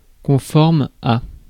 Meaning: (adjective) consistent with, in keeping with (construed with à); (verb) inflection of conformer: 1. first/third-person singular present indicative/subjunctive 2. second-person singular imperative
- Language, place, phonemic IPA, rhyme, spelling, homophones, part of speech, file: French, Paris, /kɔ̃.fɔʁm/, -ɔʁm, conforme, conformes, adjective / verb, Fr-conforme.ogg